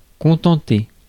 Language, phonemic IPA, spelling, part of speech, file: French, /kɔ̃.tɑ̃.te/, contenter, verb, Fr-contenter.ogg
- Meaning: 1. to content, to satisfy 2. to content oneself, to be content